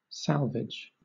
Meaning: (noun) 1. The rescue of a ship, its crew and passengers or its cargo from a hazardous situation 2. The ship, crew or cargo so rescued 3. The compensation paid to the rescuers
- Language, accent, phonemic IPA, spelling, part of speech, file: English, Southern England, /ˈsælvɪd͡ʒ/, salvage, noun / verb, LL-Q1860 (eng)-salvage.wav